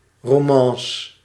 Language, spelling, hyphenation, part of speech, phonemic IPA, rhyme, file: Dutch, romance, ro‧man‧ce, noun, /ˌroːˈmɑn.sə/, -ɑnsə, Nl-romance.ogg
- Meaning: 1. an emotional popular-historical epic ballad 2. a sentimental love song or love story